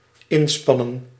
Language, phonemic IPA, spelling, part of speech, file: Dutch, /ˈɪnspɑnə(n)/, inspannen, verb, Nl-inspannen.ogg
- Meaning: 1. to put horses, ponies, donkeys or oxen in front of a cart or carriage 2. to exert (to put in vigorous action)